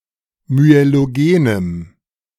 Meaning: strong dative masculine/neuter singular of myelogen
- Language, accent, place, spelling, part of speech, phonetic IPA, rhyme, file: German, Germany, Berlin, myelogenem, adjective, [myeloˈɡeːnəm], -eːnəm, De-myelogenem.ogg